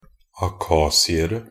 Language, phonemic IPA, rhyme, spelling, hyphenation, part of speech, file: Norwegian Bokmål, /aˈkɑːsɪərə/, -ərə, akhasiere, a‧khas‧i‧er‧e, noun, Nb-akhasiere.ogg
- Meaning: indefinite plural of akhasier